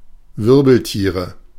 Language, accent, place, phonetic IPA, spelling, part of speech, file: German, Germany, Berlin, [ˈvɪʁbl̩ˌtiːʁə], Wirbeltiere, noun, De-Wirbeltiere.ogg
- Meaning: nominative/accusative/genitive plural of Wirbeltier